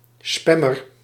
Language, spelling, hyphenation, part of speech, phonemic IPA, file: Dutch, spammer, spam‧mer, noun, /ˈspɛ.mər/, Nl-spammer.ogg
- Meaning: a spammer